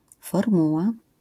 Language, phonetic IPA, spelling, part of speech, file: Polish, [fɔrˈmuwa], formuła, noun, LL-Q809 (pol)-formuła.wav